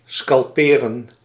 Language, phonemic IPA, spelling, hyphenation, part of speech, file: Dutch, /ˌskɑlˈpeː.rə(n)/, scalperen, scal‧pe‧ren, verb, Nl-scalperen.ogg
- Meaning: to scalp, to remove haired skin from